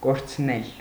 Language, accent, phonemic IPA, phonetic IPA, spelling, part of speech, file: Armenian, Eastern Armenian, /koɾt͡sʰˈnel/, [koɾt͡sʰnél], կորցնել, verb, Hy-կորցնել.ogg
- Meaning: 1. causative of կորչել (korčʻel) 2. to lose (something or someone)